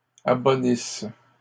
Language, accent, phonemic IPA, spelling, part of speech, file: French, Canada, /a.bɔ.nis/, abonnisses, verb, LL-Q150 (fra)-abonnisses.wav
- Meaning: second-person singular present/imperfect subjunctive of abonnir